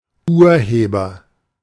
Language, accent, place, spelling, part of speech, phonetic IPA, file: German, Germany, Berlin, Urheber, noun, [ˈuːɐ̯ˌheːbɐ], De-Urheber.ogg
- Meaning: author